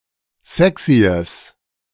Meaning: strong/mixed nominative/accusative neuter singular of sexy
- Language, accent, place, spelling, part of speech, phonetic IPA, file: German, Germany, Berlin, sexyes, adjective, [ˈzɛksiəs], De-sexyes.ogg